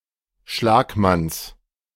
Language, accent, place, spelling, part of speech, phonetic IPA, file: German, Germany, Berlin, Schlagmanns, noun, [ˈʃlaːkˌmans], De-Schlagmanns.ogg
- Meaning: genitive of Schlagmann